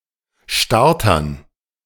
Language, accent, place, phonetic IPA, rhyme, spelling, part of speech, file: German, Germany, Berlin, [ˈʃtaʁtɐn], -aʁtɐn, Startern, noun, De-Startern.ogg
- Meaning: dative plural of Starter